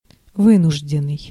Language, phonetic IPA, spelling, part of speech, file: Russian, [ˈvɨnʊʐdʲɪn(ː)ɨj], вынужденный, verb / adjective, Ru-вынужденный.ogg
- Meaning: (verb) past passive perfective participle of вы́нудить (výnuditʹ); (adjective) 1. forced (to do something) 2. forced, of necessity (action, confession, etc.)